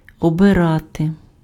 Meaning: to elect
- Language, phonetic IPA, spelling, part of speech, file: Ukrainian, [ɔbeˈrate], обирати, verb, Uk-обирати.ogg